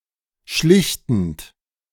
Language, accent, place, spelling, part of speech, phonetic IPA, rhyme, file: German, Germany, Berlin, schlichtend, verb, [ˈʃlɪçtn̩t], -ɪçtn̩t, De-schlichtend.ogg
- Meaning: present participle of schlichten